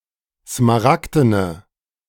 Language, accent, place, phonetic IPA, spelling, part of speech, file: German, Germany, Berlin, [smaˈʁakdənə], smaragdene, adjective, De-smaragdene.ogg
- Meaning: inflection of smaragden: 1. strong/mixed nominative/accusative feminine singular 2. strong nominative/accusative plural 3. weak nominative all-gender singular